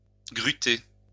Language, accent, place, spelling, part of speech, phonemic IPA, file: French, France, Lyon, gruter, verb, /ɡʁy.te/, LL-Q150 (fra)-gruter.wav
- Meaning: to move using a crane